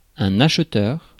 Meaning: buyer, purchaser (person who makes purchases)
- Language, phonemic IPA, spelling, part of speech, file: French, /aʃ.tœʁ/, acheteur, noun, Fr-acheteur.ogg